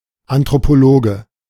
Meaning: anthropologist (male or of unspecified gender)
- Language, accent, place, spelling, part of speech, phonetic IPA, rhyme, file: German, Germany, Berlin, Anthropologe, noun, [antʁopoˈloːɡə], -oːɡə, De-Anthropologe.ogg